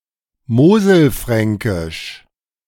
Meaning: Moselle Franconian
- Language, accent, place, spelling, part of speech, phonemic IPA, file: German, Germany, Berlin, moselfränkisch, adjective, /ˈmoːzəlˌfʁɛŋkɪʃ/, De-moselfränkisch.ogg